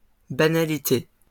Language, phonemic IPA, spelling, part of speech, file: French, /ba.na.li.te/, banalité, noun, LL-Q150 (fra)-banalité.wav
- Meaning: 1. banality 2. platitude, banality